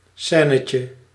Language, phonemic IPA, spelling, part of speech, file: Dutch, /ˈsɛːnəcə/, scènetje, noun, Nl-scènetje.ogg
- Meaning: diminutive of scène